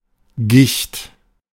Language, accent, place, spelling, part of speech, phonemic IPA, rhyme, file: German, Germany, Berlin, Gicht, noun, /ɡɪçt/, -ɪçt, De-Gicht.ogg
- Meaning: gout